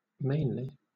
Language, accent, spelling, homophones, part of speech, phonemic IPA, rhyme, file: English, Southern England, mainly, Mainely, adverb, /ˈmeɪnli/, -eɪnli, LL-Q1860 (eng)-mainly.wav
- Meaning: 1. Of a person or thing being the driving force influencing the outcome of an event; chiefly; certainly for the most part 2. Forcefully, vigorously 3. Of the production of a sound: loudly, powerfully